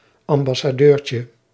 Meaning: diminutive of ambassade
- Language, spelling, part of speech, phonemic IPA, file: Dutch, ambassadeurtje, noun, /ɑmbɑsaˈdørcə/, Nl-ambassadeurtje.ogg